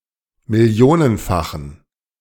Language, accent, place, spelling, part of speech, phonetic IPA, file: German, Germany, Berlin, millionenfachen, adjective, [mɪˈli̯oːnənˌfaxn̩], De-millionenfachen.ogg
- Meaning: inflection of millionenfach: 1. strong genitive masculine/neuter singular 2. weak/mixed genitive/dative all-gender singular 3. strong/weak/mixed accusative masculine singular 4. strong dative plural